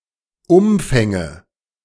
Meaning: nominative/accusative/genitive plural of Umfang
- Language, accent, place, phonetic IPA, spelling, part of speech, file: German, Germany, Berlin, [ˈʊmfɛŋə], Umfänge, noun, De-Umfänge.ogg